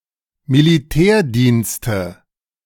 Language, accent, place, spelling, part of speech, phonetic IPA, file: German, Germany, Berlin, Militärdienste, noun, [miliˈtɛːɐ̯diːnstə], De-Militärdienste.ogg
- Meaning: nominative/accusative/genitive plural of Militärdienst